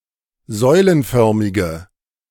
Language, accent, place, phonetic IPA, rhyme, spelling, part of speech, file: German, Germany, Berlin, [ˈzɔɪ̯lənˌfœʁmɪɡə], -ɔɪ̯lənfœʁmɪɡə, säulenförmige, adjective, De-säulenförmige.ogg
- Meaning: inflection of säulenförmig: 1. strong/mixed nominative/accusative feminine singular 2. strong nominative/accusative plural 3. weak nominative all-gender singular